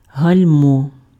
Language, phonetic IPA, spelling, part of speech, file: Ukrainian, [ɦɐlʲˈmɔ], гальмо, noun, Uk-гальмо.ogg
- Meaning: brake